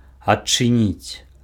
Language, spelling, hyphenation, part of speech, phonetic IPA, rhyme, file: Belarusian, адчыніць, ад‧чы‧ніць, verb, [atː͡ʂɨˈnʲit͡sʲ], -it͡sʲ, Be-адчыніць.ogg
- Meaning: to open (to remove, put away or put aside anything that is blocking the entrance or exit)